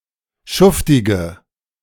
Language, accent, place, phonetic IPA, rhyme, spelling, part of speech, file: German, Germany, Berlin, [ˈʃʊftɪɡə], -ʊftɪɡə, schuftige, adjective, De-schuftige.ogg
- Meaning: inflection of schuftig: 1. strong/mixed nominative/accusative feminine singular 2. strong nominative/accusative plural 3. weak nominative all-gender singular